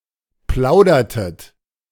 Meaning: inflection of plaudern: 1. second-person plural preterite 2. second-person plural subjunctive II
- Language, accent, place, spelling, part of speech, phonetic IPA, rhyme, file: German, Germany, Berlin, plaudertet, verb, [ˈplaʊ̯dɐtət], -aʊ̯dɐtət, De-plaudertet.ogg